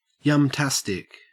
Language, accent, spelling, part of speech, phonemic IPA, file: English, Australia, yumtastic, adjective, /jʌmˈtæstɪk/, En-au-yumtastic.ogg
- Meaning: yummy; delicious